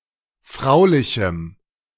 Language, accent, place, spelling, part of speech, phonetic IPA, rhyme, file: German, Germany, Berlin, fraulichem, adjective, [ˈfʁaʊ̯lɪçm̩], -aʊ̯lɪçm̩, De-fraulichem.ogg
- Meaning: strong dative masculine/neuter singular of fraulich